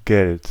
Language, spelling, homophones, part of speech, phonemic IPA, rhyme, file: German, Geld, gelt, noun, /ɡɛlt/, -ɛlt, De-Geld.ogg
- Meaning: money